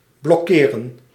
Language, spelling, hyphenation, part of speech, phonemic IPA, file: Dutch, blokkeren, blok‧ke‧ren, verb, /blɔˈkeːrə(n)/, Nl-blokkeren.ogg
- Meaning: 1. to block 2. to close off (a road) 3. to blockade